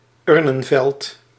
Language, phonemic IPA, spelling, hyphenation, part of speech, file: Dutch, /ˈʏr.nə(n)ˌvɛlt/, urnenveld, ur‧nen‧veld, noun, Nl-urnenveld.ogg
- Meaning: urnfield